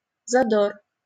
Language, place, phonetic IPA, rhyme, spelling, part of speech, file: Russian, Saint Petersburg, [zɐˈdor], -or, задор, noun, LL-Q7737 (rus)-задор.wav
- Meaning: fervour, ardour, pep, vigour